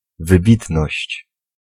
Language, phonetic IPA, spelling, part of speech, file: Polish, [vɨˈbʲitnɔɕt͡ɕ], wybitność, noun, Pl-wybitność.ogg